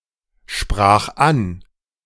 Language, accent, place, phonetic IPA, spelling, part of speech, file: German, Germany, Berlin, [ˌʃpʁaːx ˈan], sprach an, verb, De-sprach an.ogg
- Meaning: first/third-person singular preterite of ansprechen